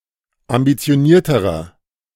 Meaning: inflection of ambitioniert: 1. strong/mixed nominative masculine singular comparative degree 2. strong genitive/dative feminine singular comparative degree 3. strong genitive plural comparative degree
- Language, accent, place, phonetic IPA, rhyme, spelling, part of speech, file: German, Germany, Berlin, [ambit͡si̯oˈniːɐ̯təʁɐ], -iːɐ̯təʁɐ, ambitionierterer, adjective, De-ambitionierterer.ogg